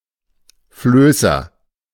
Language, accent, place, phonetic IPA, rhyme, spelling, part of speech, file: German, Germany, Berlin, [ˈfløːsɐ], -øːsɐ, Flößer, noun, De-Flößer.ogg
- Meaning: raftsman, rafter, log driver (male or of unspecified gender)